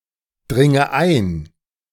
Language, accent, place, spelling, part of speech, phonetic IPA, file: German, Germany, Berlin, dringe ein, verb, [ˌdʁɪŋə ˈaɪ̯n], De-dringe ein.ogg
- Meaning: inflection of eindringen: 1. first-person singular present 2. first/third-person singular subjunctive I 3. singular imperative